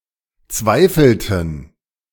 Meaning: inflection of zweifeln: 1. first/third-person plural preterite 2. first/third-person plural subjunctive II
- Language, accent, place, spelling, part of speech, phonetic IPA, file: German, Germany, Berlin, zweifelten, verb, [ˈt͡svaɪ̯fl̩tn̩], De-zweifelten.ogg